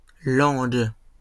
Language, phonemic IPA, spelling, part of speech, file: French, /lɑ̃ɡ/, langues, noun, LL-Q150 (fra)-langues.wav
- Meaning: plural of langue